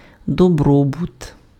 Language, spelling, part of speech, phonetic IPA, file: Ukrainian, добробут, noun, [dɔˈbrɔbʊt], Uk-добробут.ogg
- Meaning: 1. wellbeing, welfare 2. prosperity